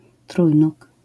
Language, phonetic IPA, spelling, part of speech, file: Polish, [ˈtrujnuk], trójnóg, noun, LL-Q809 (pol)-trójnóg.wav